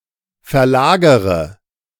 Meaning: inflection of verlagern: 1. first-person singular present 2. first/third-person singular subjunctive I 3. singular imperative
- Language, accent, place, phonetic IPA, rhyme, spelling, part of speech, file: German, Germany, Berlin, [fɛɐ̯ˈlaːɡəʁə], -aːɡəʁə, verlagere, verb, De-verlagere.ogg